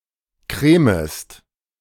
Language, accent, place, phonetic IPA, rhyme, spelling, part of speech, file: German, Germany, Berlin, [ˈkʁeːməst], -eːməst, cremest, verb, De-cremest.ogg
- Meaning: second-person singular subjunctive I of cremen